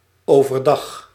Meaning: by day, during daytime, in the daytime
- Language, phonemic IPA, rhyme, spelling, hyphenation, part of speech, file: Dutch, /oːvərˈdɑx/, -ɑx, overdag, over‧dag, adverb, Nl-overdag.ogg